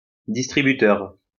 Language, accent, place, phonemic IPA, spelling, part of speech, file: French, France, Lyon, /dis.tʁi.by.tœʁ/, distributeur, noun, LL-Q150 (fra)-distributeur.wav
- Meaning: 1. distributor 2. vending machine 3. ATM 4. dispenser (soap)